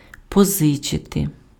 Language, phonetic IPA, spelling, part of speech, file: Ukrainian, [pɔˈzɪt͡ʃete], позичити, verb, Uk-позичити.ogg
- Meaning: 1. to borrow 2. to lend